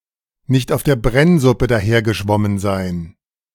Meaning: (idiomatic) not be naive, to have experience
- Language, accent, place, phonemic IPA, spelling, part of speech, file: German, Germany, Berlin, /nɪçt aʊ̯f deːɐ̯ ˈbrɛnzʊpə ˈdaːheːɐ̯ɡəʃvɔmən zaɪ̯n/, nicht auf der Brennsuppe dahergeschwommen sein, verb, De-nicht auf der Brennsuppe dahergeschwommen sein.ogg